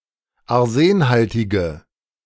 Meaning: inflection of arsenhaltig: 1. strong/mixed nominative/accusative feminine singular 2. strong nominative/accusative plural 3. weak nominative all-gender singular
- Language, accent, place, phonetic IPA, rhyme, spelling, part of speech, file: German, Germany, Berlin, [aʁˈzeːnˌhaltɪɡə], -eːnhaltɪɡə, arsenhaltige, adjective, De-arsenhaltige.ogg